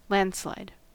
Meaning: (noun) 1. A natural disaster that involves the breakup and downhill flow of rock, mud, water and anything caught in the path 2. A vote won by a wide or overwhelming majority
- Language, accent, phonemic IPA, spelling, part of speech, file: English, US, /ˈlæn(d).slaɪd/, landslide, noun / verb, En-us-landslide.ogg